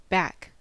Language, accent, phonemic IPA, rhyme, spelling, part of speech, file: English, General American, /bæk/, -æk, back, adjective / adverb / noun / verb, En-us-back.ogg
- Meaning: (adjective) 1. At or near the rear 2. Returned or restored to a previous place or condition 3. Not current 4. Situated away from the main or most frequented areas 5. In arrears; overdue